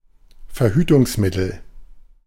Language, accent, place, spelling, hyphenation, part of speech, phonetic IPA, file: German, Germany, Berlin, Verhütungsmittel, Ver‧hü‧tungs‧mit‧tel, noun, [ˌfɛɐ̯ˈhyːtʊŋsˌmɪtl̩], De-Verhütungsmittel.ogg
- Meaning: contraceptive